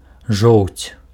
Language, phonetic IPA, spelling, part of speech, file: Belarusian, [ʐou̯t͡sʲ], жоўць, noun, Be-жоўць.ogg
- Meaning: bile